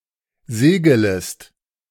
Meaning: second-person singular subjunctive I of segeln
- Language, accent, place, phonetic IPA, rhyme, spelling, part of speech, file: German, Germany, Berlin, [ˈzeːɡələst], -eːɡələst, segelest, verb, De-segelest.ogg